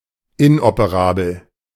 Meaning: inoperable
- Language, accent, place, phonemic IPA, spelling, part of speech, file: German, Germany, Berlin, /ˈɪnʔopəˌʁaːbl̩/, inoperabel, adjective, De-inoperabel.ogg